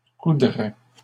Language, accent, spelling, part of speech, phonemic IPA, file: French, Canada, coudrais, verb, /ku.dʁɛ/, LL-Q150 (fra)-coudrais.wav
- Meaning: first/second-person singular conditional of coudre